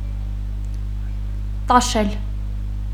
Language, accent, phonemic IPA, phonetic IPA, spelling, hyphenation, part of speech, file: Armenian, Eastern Armenian, /tɑˈʃel/, [tɑʃél], տաշել, տա‧շել, verb, Hy-տաշել.ogg
- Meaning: 1. to cut, to hew; to polish, to smooth 2. to have sex with, to bang, to nail